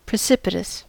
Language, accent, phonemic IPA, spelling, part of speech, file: English, US, /pɹɪˈsɪpɪtəs/, precipitous, adjective, En-us-precipitous.ogg
- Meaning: 1. Steep, like a precipice 2. Headlong 3. Hasty; rash; quick; sudden